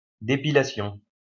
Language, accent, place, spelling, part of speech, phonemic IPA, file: French, France, Lyon, dépilation, noun, /de.pi.la.sjɔ̃/, LL-Q150 (fra)-dépilation.wav
- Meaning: depilation